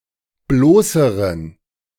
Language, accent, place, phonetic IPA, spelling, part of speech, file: German, Germany, Berlin, [ˈbloːsəʁən], bloßeren, adjective, De-bloßeren.ogg
- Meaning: inflection of bloß: 1. strong genitive masculine/neuter singular comparative degree 2. weak/mixed genitive/dative all-gender singular comparative degree